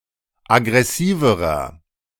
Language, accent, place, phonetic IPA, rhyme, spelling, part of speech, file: German, Germany, Berlin, [aɡʁɛˈsiːvəʁɐ], -iːvəʁɐ, aggressiverer, adjective, De-aggressiverer.ogg
- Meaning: inflection of aggressiv: 1. strong/mixed nominative masculine singular comparative degree 2. strong genitive/dative feminine singular comparative degree 3. strong genitive plural comparative degree